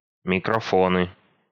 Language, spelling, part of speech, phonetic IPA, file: Russian, микрофоны, noun, [mʲɪkrɐˈfonɨ], Ru-микрофоны.ogg
- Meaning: nominative/accusative plural of микрофо́н (mikrofón)